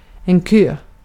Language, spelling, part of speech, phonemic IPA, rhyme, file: Swedish, kö, noun, /køː/, -øː, Sv-kö.ogg
- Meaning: 1. a queue (line of waiting people or other objects) 2. a queue (waiting list) 3. a cue (straight rod)